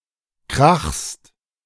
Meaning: second-person singular present of krachen
- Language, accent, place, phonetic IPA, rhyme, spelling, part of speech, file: German, Germany, Berlin, [kʁaxst], -axst, krachst, verb, De-krachst.ogg